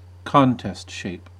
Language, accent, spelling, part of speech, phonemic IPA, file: English, US, contest shape, noun, /ˈkɑːntɛst ˌʃeɪp/, En-us-contest shape.ogg
- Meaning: A physique made ready for a bodybuilding contest, with minimal body fat and maximum muscle volume